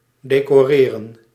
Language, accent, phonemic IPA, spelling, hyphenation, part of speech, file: Dutch, Netherlands, /deːkoːˈreːrə(n)/, decoreren, de‧co‧re‧ren, verb, Nl-decoreren.ogg
- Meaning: to decorate